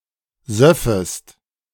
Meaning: second-person singular subjunctive II of saufen
- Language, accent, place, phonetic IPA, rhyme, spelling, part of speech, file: German, Germany, Berlin, [ˈzœfəst], -œfəst, söffest, verb, De-söffest.ogg